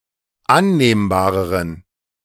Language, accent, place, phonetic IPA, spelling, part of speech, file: German, Germany, Berlin, [ˈanneːmbaːʁəʁən], annehmbareren, adjective, De-annehmbareren.ogg
- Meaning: inflection of annehmbar: 1. strong genitive masculine/neuter singular comparative degree 2. weak/mixed genitive/dative all-gender singular comparative degree